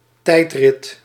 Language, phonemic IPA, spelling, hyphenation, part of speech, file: Dutch, /ˈtɛi̯t.rɪt/, tijdrit, tijd‧rit, noun, Nl-tijdrit.ogg
- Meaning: a time trial, race against the clock